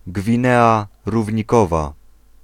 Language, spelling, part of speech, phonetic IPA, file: Polish, Gwinea Równikowa, proper noun, [ɡvʲĩˈnɛa ˌruvʲɲiˈkɔva], Pl-Gwinea Równikowa.ogg